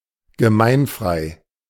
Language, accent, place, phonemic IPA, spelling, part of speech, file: German, Germany, Berlin, /ɡəˈmaɪ̯nˌfʁaɪ̯/, gemeinfrei, adjective, De-gemeinfrei.ogg
- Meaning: public domain, uncopyrighted